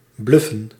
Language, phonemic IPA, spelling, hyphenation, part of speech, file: Dutch, /ˈblʏ.fə(n)/, bluffen, bluf‧fen, verb, Nl-bluffen.ogg
- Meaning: to bluff